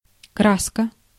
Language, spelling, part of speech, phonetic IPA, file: Russian, краска, noun, [ˈkraskə], Ru-краска.ogg
- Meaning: 1. paint, dye, ink 2. colors 3. blush, flush (complexion)